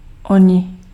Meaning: 1. they (third person personal masculine animate plural) 2. nominative animate masculine plural of onen
- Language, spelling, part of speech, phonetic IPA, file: Czech, oni, pronoun, [ˈoɲɪ], Cs-oni.ogg